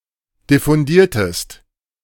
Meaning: inflection of diffundieren: 1. second-person singular preterite 2. second-person singular subjunctive II
- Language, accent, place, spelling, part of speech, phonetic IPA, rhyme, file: German, Germany, Berlin, diffundiertest, verb, [dɪfʊnˈdiːɐ̯təst], -iːɐ̯təst, De-diffundiertest.ogg